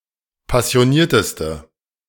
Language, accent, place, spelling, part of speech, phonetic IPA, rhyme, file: German, Germany, Berlin, passionierteste, adjective, [pasi̯oˈniːɐ̯təstə], -iːɐ̯təstə, De-passionierteste.ogg
- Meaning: inflection of passioniert: 1. strong/mixed nominative/accusative feminine singular superlative degree 2. strong nominative/accusative plural superlative degree